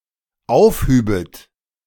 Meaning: second-person plural dependent subjunctive II of aufheben
- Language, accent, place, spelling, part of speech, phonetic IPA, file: German, Germany, Berlin, aufhübet, verb, [ˈaʊ̯fˌhyːbət], De-aufhübet.ogg